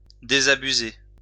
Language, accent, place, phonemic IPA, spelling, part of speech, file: French, France, Lyon, /de.za.by.ze/, désabuser, verb, LL-Q150 (fra)-désabuser.wav
- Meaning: 1. to correct, to enlighten 2. to disenchant, to disillusion